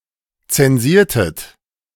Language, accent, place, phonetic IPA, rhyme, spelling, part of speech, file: German, Germany, Berlin, [ˌt͡sɛnˈziːɐ̯tət], -iːɐ̯tət, zensiertet, verb, De-zensiertet.ogg
- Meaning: inflection of zensieren: 1. second-person plural preterite 2. second-person plural subjunctive II